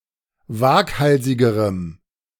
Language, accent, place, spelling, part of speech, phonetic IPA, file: German, Germany, Berlin, waghalsigerem, adjective, [ˈvaːkˌhalzɪɡəʁəm], De-waghalsigerem.ogg
- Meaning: strong dative masculine/neuter singular comparative degree of waghalsig